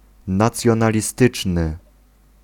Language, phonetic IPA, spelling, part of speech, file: Polish, [ˌnat͡sʲjɔ̃nalʲiˈstɨt͡ʃnɨ], nacjonalistyczny, adjective, Pl-nacjonalistyczny.ogg